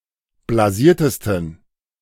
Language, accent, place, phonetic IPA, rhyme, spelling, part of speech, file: German, Germany, Berlin, [blaˈziːɐ̯təstn̩], -iːɐ̯təstn̩, blasiertesten, adjective, De-blasiertesten.ogg
- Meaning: 1. superlative degree of blasiert 2. inflection of blasiert: strong genitive masculine/neuter singular superlative degree